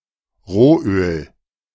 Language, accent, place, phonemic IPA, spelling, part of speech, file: German, Germany, Berlin, /ˈʁoːˌʔøːl/, Rohöl, noun, De-Rohöl.ogg
- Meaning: crude oil